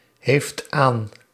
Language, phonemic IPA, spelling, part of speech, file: Dutch, /ɦeːft/, heeft aan, verb, Nl-heeft aan.ogg
- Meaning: inflection of aanhebben: 1. second-person (u) singular present indicative 2. third-person singular present indicative